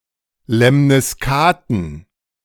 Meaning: plural of Lemniskate
- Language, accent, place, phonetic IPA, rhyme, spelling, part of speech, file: German, Germany, Berlin, [lɛmnɪsˈkaːtn̩], -aːtn̩, Lemniskaten, noun, De-Lemniskaten.ogg